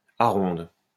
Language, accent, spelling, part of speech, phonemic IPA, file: French, France, aronde, noun, /a.ʁɔ̃d/, LL-Q150 (fra)-aronde.wav
- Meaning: swallow (bird)